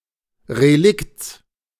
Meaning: genitive singular of Relikt
- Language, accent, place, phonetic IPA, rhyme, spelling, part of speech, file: German, Germany, Berlin, [ʁeˈlɪkt͡s], -ɪkt͡s, Relikts, noun, De-Relikts.ogg